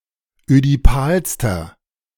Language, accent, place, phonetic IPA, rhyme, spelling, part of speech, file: German, Germany, Berlin, [ødiˈpaːlstɐ], -aːlstɐ, ödipalster, adjective, De-ödipalster.ogg
- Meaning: inflection of ödipal: 1. strong/mixed nominative masculine singular superlative degree 2. strong genitive/dative feminine singular superlative degree 3. strong genitive plural superlative degree